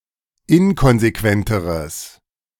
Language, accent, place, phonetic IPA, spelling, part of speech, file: German, Germany, Berlin, [ˈɪnkɔnzeˌkvɛntəʁəs], inkonsequenteres, adjective, De-inkonsequenteres.ogg
- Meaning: strong/mixed nominative/accusative neuter singular comparative degree of inkonsequent